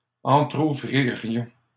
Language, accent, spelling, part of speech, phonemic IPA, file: French, Canada, entrouvririons, verb, /ɑ̃.tʁu.vʁi.ʁjɔ̃/, LL-Q150 (fra)-entrouvririons.wav
- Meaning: first-person plural conditional of entrouvrir